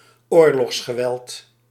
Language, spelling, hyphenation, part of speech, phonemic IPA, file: Dutch, oorlogsgeweld, oor‧logs‧ge‧weld, noun, /ˈoːr.lɔxs.xəˌʋɛlt/, Nl-oorlogsgeweld.ogg
- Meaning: war violence